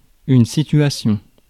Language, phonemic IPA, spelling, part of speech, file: French, /si.tɥa.sjɔ̃/, situation, noun, Fr-situation.ogg
- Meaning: situation (all meanings)